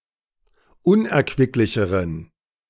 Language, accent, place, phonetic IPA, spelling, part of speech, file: German, Germany, Berlin, [ˈʊnʔɛɐ̯kvɪklɪçəʁən], unerquicklicheren, adjective, De-unerquicklicheren.ogg
- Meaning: inflection of unerquicklich: 1. strong genitive masculine/neuter singular comparative degree 2. weak/mixed genitive/dative all-gender singular comparative degree